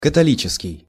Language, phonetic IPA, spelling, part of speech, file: Russian, [kətɐˈlʲit͡ɕɪskʲɪj], католический, adjective, Ru-католический.ogg
- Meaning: Catholic